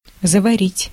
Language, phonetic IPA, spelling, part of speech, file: Russian, [zəvɐˈrʲitʲ], заварить, verb, Ru-заварить.ogg
- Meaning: 1. to brew, to infuse, to steep, (tea, coffee etc) to make 2. to pour boiling water (over), to scald 3. to weld up, to close (up) 4. to start